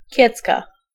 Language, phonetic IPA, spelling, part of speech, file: Polish, [ˈcɛt͡ska], kiecka, noun, Pl-kiecka.ogg